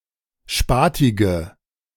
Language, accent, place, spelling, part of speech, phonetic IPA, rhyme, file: German, Germany, Berlin, spatige, adjective, [ˈʃpaːtɪɡə], -aːtɪɡə, De-spatige.ogg
- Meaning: inflection of spatig: 1. strong/mixed nominative/accusative feminine singular 2. strong nominative/accusative plural 3. weak nominative all-gender singular 4. weak accusative feminine/neuter singular